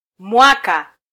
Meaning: year
- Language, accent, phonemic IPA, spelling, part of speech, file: Swahili, Kenya, /ˈmʷɑ.kɑ/, mwaka, noun, Sw-ke-mwaka.flac